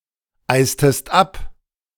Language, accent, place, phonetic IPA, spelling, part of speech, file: German, Germany, Berlin, [ˌaɪ̯stəst ˈap], eistest ab, verb, De-eistest ab.ogg
- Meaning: inflection of abeisen: 1. second-person singular preterite 2. second-person singular subjunctive II